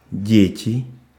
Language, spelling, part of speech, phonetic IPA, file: Russian, дети, noun, [ˈdʲetʲɪ], Ru-дети.ogg
- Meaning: nominative plural of ребёнок (rebjónok) (suppletive)